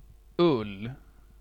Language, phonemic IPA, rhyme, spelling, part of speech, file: Swedish, /ˈɵlː/, -ɵlː, ull, noun, Sv-ull.ogg
- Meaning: wool; hair of sheep